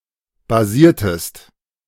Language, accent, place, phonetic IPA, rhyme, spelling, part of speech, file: German, Germany, Berlin, [baˈziːɐ̯təst], -iːɐ̯təst, basiertest, verb, De-basiertest.ogg
- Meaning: inflection of basieren: 1. second-person singular preterite 2. second-person singular subjunctive II